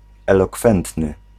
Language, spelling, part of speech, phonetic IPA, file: Polish, elokwentny, adjective, [ˌɛlɔˈkfɛ̃ntnɨ], Pl-elokwentny.ogg